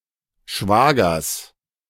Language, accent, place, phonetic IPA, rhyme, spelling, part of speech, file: German, Germany, Berlin, [ˈʃvaːɡɐs], -aːɡɐs, Schwagers, noun, De-Schwagers.ogg
- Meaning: genitive singular of Schwager